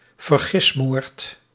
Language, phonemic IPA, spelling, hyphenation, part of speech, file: Dutch, /vərˈɣɪsmoːrt/, vergismoord, ver‧gis‧moord, noun, Nl-vergismoord.ogg
- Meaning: the killing of somebody other than the intended victim (due to mistaken identity)